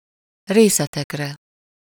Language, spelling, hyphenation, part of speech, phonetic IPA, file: Hungarian, részetekre, ré‧sze‧tek‧re, pronoun, [ˈreːsɛtɛkrɛ], Hu-részetekre.ogg
- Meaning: second-person plural of részére